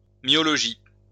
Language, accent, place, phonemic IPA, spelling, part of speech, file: French, France, Lyon, /mjɔ.lɔ.ʒi/, myologie, noun, LL-Q150 (fra)-myologie.wav
- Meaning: myology